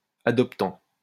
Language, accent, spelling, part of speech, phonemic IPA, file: French, France, adoptant, noun / verb, /a.dɔp.tɑ̃/, LL-Q150 (fra)-adoptant.wav
- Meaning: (noun) adoptive parent, adoptive person; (verb) present participle of adopter